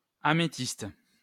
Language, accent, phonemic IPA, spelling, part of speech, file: French, France, /a.me.tist/, améthyste, noun, LL-Q150 (fra)-améthyste.wav
- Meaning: amethyst